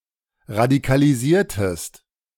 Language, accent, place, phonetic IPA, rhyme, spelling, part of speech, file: German, Germany, Berlin, [ʁadikaliˈziːɐ̯təst], -iːɐ̯təst, radikalisiertest, verb, De-radikalisiertest.ogg
- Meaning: inflection of radikalisieren: 1. second-person singular preterite 2. second-person singular subjunctive II